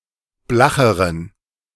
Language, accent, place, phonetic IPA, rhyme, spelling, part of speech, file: German, Germany, Berlin, [ˈblaxəʁən], -axəʁən, blacheren, adjective, De-blacheren.ogg
- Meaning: inflection of blach: 1. strong genitive masculine/neuter singular comparative degree 2. weak/mixed genitive/dative all-gender singular comparative degree